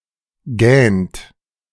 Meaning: inflection of gähnen: 1. third-person singular present 2. second-person plural present 3. plural imperative
- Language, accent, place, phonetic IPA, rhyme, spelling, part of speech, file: German, Germany, Berlin, [ɡɛːnt], -ɛːnt, gähnt, verb, De-gähnt.ogg